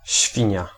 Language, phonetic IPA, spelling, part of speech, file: Polish, [ˈɕfʲĩɲa], świnia, noun / adjective, Pl-świnia.ogg